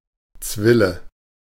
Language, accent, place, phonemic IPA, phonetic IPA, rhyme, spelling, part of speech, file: German, Germany, Berlin, /ˈtsvɪlə/, [ˈt͡sʋɪlə], -ɪlə, Zwille, noun, De-Zwille.ogg
- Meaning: 1. slingshot 2. alternative form of Zwiesel (“crotch of a tree”)